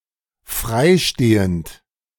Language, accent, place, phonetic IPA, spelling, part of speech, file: German, Germany, Berlin, [fʁaɪ̯ ˈʃteːənt], frei stehend, adjective, De-frei stehend.ogg
- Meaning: alternative form of freistehend